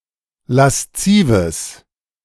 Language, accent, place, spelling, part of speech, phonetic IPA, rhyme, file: German, Germany, Berlin, laszives, adjective, [lasˈt͡siːvəs], -iːvəs, De-laszives.ogg
- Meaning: strong/mixed nominative/accusative neuter singular of lasziv